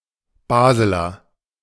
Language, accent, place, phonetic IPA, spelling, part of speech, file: German, Germany, Berlin, [ˈbaːzəlɐ], Baseler, noun, De-Baseler.ogg
- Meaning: a native or inhabitant of Basel